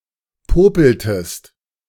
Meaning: inflection of popeln: 1. second-person singular preterite 2. second-person singular subjunctive II
- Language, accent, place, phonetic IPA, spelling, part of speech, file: German, Germany, Berlin, [ˈpoːpl̩təst], popeltest, verb, De-popeltest.ogg